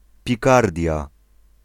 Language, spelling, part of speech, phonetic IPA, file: Polish, Pikardia, proper noun, [pʲiˈkardʲja], Pl-Pikardia.ogg